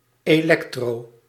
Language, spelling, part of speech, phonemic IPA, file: Dutch, elektro-, prefix, /ˌeːˈlɛk.troː/, Nl-elektro-.ogg
- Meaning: electro-